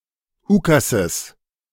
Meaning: genitive singular of Ukas
- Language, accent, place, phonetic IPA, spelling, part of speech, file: German, Germany, Berlin, [ˈuːkasəs], Ukasses, noun, De-Ukasses.ogg